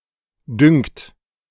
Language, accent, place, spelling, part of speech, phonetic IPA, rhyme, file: German, Germany, Berlin, düngt, verb, [dʏŋt], -ʏŋt, De-düngt.ogg
- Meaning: inflection of düngen: 1. third-person singular present 2. second-person plural present 3. plural imperative